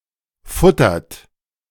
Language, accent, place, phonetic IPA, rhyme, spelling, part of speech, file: German, Germany, Berlin, [ˈfʊtɐt], -ʊtɐt, futtert, verb, De-futtert.ogg
- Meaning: inflection of futtern: 1. second-person plural present 2. third-person singular present 3. plural imperative